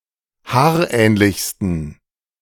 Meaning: 1. superlative degree of haarähnlich 2. inflection of haarähnlich: strong genitive masculine/neuter singular superlative degree
- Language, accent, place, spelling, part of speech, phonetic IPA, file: German, Germany, Berlin, haarähnlichsten, adjective, [ˈhaːɐ̯ˌʔɛːnlɪçstn̩], De-haarähnlichsten.ogg